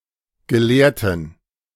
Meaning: inflection of gelehrt: 1. strong genitive masculine/neuter singular 2. weak/mixed genitive/dative all-gender singular 3. strong/weak/mixed accusative masculine singular 4. strong dative plural
- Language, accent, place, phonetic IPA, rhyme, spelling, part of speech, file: German, Germany, Berlin, [ɡəˈleːɐ̯tn̩], -eːɐ̯tn̩, gelehrten, adjective, De-gelehrten.ogg